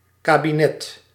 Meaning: 1. cabinet (piece of furniture) 2. cabinet (national administration, government) 3. a high official's staff of close collaborators
- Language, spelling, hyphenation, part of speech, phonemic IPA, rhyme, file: Dutch, kabinet, ka‧bi‧net, noun, /ˌkaː.biˈnɛt/, -ɛt, Nl-kabinet.ogg